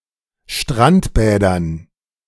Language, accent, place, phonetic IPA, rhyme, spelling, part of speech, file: German, Germany, Berlin, [ˈʃtʁantˌbɛːdɐn], -antbɛːdɐn, Strandbädern, noun, De-Strandbädern.ogg
- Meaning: dative plural of Strandbad